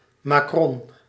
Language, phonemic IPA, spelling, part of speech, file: Dutch, /ˈmaː.krɔn/, macron, noun, Nl-macron.ogg
- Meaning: macron